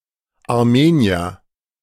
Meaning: Armenian (person)
- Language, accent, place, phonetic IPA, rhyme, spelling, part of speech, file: German, Germany, Berlin, [aʁˈmeːni̯ɐ], -eːni̯ɐ, Armenier, noun, De-Armenier.ogg